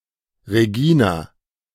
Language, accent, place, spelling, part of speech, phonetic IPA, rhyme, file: German, Germany, Berlin, Regina, proper noun, [ʁeˈɡiːna], -iːna, De-Regina.ogg
- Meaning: a female given name from Latin